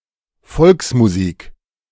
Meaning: folk music, traditional music
- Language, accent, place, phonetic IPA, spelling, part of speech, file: German, Germany, Berlin, [ˈfɔlksmuziːk], Volksmusik, noun, De-Volksmusik.ogg